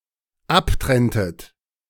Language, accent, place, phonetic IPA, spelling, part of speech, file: German, Germany, Berlin, [ˈapˌtʁɛntət], abtrenntet, verb, De-abtrenntet.ogg
- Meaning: inflection of abtrennen: 1. second-person plural dependent preterite 2. second-person plural dependent subjunctive II